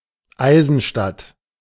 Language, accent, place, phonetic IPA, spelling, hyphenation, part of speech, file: German, Germany, Berlin, [ˈaɪ̯zn̩ˌʃtat], Eisenstadt, Ei‧sen‧stadt, proper noun, De-Eisenstadt.ogg
- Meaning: a municipality of Burgenland, Austria